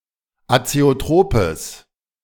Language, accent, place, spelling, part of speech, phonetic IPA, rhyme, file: German, Germany, Berlin, azeotropes, adjective, [at͡seoˈtʁoːpəs], -oːpəs, De-azeotropes.ogg
- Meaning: strong/mixed nominative/accusative neuter singular of azeotrop